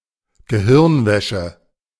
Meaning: brain-washing
- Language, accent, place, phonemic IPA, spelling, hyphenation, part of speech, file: German, Germany, Berlin, /ɡəˈhɪʁnˌvɛʃə/, Gehirnwäsche, Ge‧hirn‧wä‧sche, noun, De-Gehirnwäsche.ogg